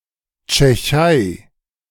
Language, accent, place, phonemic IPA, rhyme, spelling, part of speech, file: German, Germany, Berlin, /t͡ʃɛˈçaɪ̯/, -aɪ̯, Tschechei, proper noun, De-Tschechei.ogg
- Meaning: Czech Republic (a country in Central Europe)